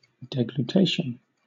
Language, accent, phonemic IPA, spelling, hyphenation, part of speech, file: English, Southern England, /ˌdiːɡluːˈtɪʃ(ə)n/, deglutition, de‧glu‧tit‧ion, noun, LL-Q1860 (eng)-deglutition.wav
- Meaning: The act or process of swallowing